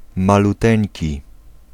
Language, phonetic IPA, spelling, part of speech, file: Polish, [ˌmaluˈtɛ̃ɲci], maluteńki, adjective, Pl-maluteńki.ogg